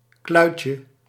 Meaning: diminutive of kluit
- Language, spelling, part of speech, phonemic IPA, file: Dutch, kluitje, noun, /ˈklœycə/, Nl-kluitje.ogg